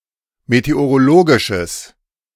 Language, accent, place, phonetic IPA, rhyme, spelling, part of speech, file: German, Germany, Berlin, [meteoʁoˈloːɡɪʃəs], -oːɡɪʃəs, meteorologisches, adjective, De-meteorologisches.ogg
- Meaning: strong/mixed nominative/accusative neuter singular of meteorologisch